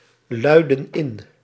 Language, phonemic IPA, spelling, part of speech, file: Dutch, /ˈlœydə(n) ˈɪn/, luidden in, verb, Nl-luidden in.ogg
- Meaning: inflection of inluiden: 1. plural past indicative 2. plural past subjunctive